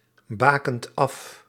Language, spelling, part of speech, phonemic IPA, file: Dutch, bakent af, verb, /ˈbakənt ˈɑf/, Nl-bakent af.ogg
- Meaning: inflection of afbakenen: 1. second/third-person singular present indicative 2. plural imperative